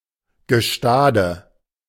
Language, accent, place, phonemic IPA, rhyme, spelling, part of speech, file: German, Germany, Berlin, /ɡəˈʃtaːdə/, -aːdə, Gestade, noun, De-Gestade.ogg
- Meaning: bank, shore